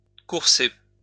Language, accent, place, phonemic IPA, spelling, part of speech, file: French, France, Lyon, /kuʁ.se/, courser, verb, LL-Q150 (fra)-courser.wav
- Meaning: 1. to purchase 2. to chase